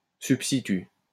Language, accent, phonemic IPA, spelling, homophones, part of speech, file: French, France, /syp.sti.ty/, substitut, substituts, noun, LL-Q150 (fra)-substitut.wav
- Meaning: substitute, replacement